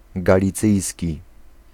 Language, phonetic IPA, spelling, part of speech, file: Polish, [ˌɡalʲiˈt͡sɨjsʲci], galicyjski, adjective, Pl-galicyjski.ogg